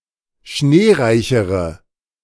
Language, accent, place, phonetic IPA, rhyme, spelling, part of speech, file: German, Germany, Berlin, [ˈʃneːˌʁaɪ̯çəʁə], -eːʁaɪ̯çəʁə, schneereichere, adjective, De-schneereichere.ogg
- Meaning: inflection of schneereich: 1. strong/mixed nominative/accusative feminine singular comparative degree 2. strong nominative/accusative plural comparative degree